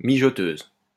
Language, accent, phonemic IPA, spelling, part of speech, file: French, France, /mi.ʒɔ.tøz/, mijoteuse, noun, LL-Q150 (fra)-mijoteuse.wav
- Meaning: slow cooker, crockpot